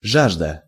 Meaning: 1. thirst 2. craving
- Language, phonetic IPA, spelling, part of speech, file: Russian, [ˈʐaʐdə], жажда, noun, Ru-жажда.ogg